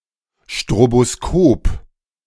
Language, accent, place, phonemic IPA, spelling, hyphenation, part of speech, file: German, Germany, Berlin, /ʃtʁoboˈskoːp/, Stroboskop, Stro‧bo‧s‧kop, noun, De-Stroboskop.ogg
- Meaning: stroboscope